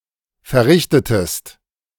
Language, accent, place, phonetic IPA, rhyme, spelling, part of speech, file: German, Germany, Berlin, [fɛɐ̯ˈʁɪçtətəst], -ɪçtətəst, verrichtetest, verb, De-verrichtetest.ogg
- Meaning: inflection of verrichten: 1. second-person singular preterite 2. second-person singular subjunctive II